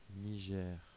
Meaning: Niger (a country in West Africa, situated to the north of Nigeria)
- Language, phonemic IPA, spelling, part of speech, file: French, /ni.ʒɛʁ/, Niger, proper noun, Fr-Niger.ogg